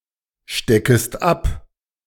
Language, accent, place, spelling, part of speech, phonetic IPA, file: German, Germany, Berlin, steckest ab, verb, [ˌʃtɛkəst ˈap], De-steckest ab.ogg
- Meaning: second-person singular subjunctive I of abstecken